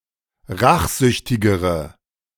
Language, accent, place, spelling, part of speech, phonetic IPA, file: German, Germany, Berlin, rachsüchtigere, adjective, [ˈʁaxˌzʏçtɪɡəʁə], De-rachsüchtigere.ogg
- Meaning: inflection of rachsüchtig: 1. strong/mixed nominative/accusative feminine singular comparative degree 2. strong nominative/accusative plural comparative degree